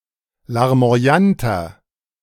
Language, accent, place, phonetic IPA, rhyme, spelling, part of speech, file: German, Germany, Berlin, [laʁmo̯aˈjantɐ], -antɐ, larmoyanter, adjective, De-larmoyanter.ogg
- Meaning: 1. comparative degree of larmoyant 2. inflection of larmoyant: strong/mixed nominative masculine singular 3. inflection of larmoyant: strong genitive/dative feminine singular